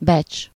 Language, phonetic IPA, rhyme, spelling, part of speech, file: Hungarian, [ˈbɛt͡ʃ], -ɛt͡ʃ, becs, noun, Hu-becs.ogg
- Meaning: value, worth, esteem